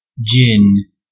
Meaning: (noun) 1. A colourless non-aged alcoholic liquor made by distilling fermented grains such as barley, corn, oats or rye with juniper berries; the base for many cocktails 2. Gin rummy
- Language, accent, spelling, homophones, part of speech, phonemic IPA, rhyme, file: English, US, gin, djinn, noun / verb, /d͡ʒɪn/, -ɪn, En-us-gin.ogg